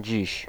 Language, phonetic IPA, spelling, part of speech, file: Polish, [d͡ʑiɕ], dziś, adverb, Pl-dziś.ogg